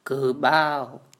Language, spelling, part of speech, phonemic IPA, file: Mon, ဂူၜဴ, proper noun / noun, /kuːbao/, Mnw-ဂူၜဴ.wav
- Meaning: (proper noun) Kyan Taw (a village in Kayin, Myanmar); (noun) cane forest